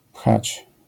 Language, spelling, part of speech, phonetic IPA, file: Polish, pchać, verb, [pxat͡ɕ], LL-Q809 (pol)-pchać.wav